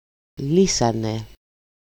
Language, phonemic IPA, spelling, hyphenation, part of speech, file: Greek, /ˈli.sa.ne/, λύσανε, λύ‧σα‧νε, verb, El-λύσανε.ogg
- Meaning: third-person plural simple past active indicative of λύνω (lýno)